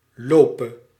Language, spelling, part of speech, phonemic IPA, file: Dutch, lope, verb, /ˈlopə/, Nl-lope.ogg
- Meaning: singular present subjunctive of lopen